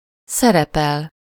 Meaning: 1. to play a part/role, appear as, be included 2. to perform, act (to do something in front of an audience) 3. to act, function in some kind of capacity
- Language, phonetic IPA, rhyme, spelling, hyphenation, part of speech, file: Hungarian, [ˈsɛrɛpɛl], -ɛl, szerepel, sze‧re‧pel, verb, Hu-szerepel.ogg